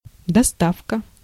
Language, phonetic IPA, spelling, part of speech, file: Russian, [dɐˈstafkə], доставка, noun, Ru-доставка.ogg
- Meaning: delivery, shipping